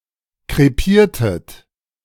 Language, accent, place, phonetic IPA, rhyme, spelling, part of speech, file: German, Germany, Berlin, [kʁeˈpiːɐ̯tət], -iːɐ̯tət, krepiertet, verb, De-krepiertet.ogg
- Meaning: inflection of krepieren: 1. second-person plural preterite 2. second-person plural subjunctive II